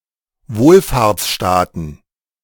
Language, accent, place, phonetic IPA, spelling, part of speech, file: German, Germany, Berlin, [ˈvoːlfaːɐ̯t͡sˌʃtaːtn̩], Wohlfahrtsstaaten, noun, De-Wohlfahrtsstaaten.ogg
- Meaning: plural of Wohlfahrtsstaat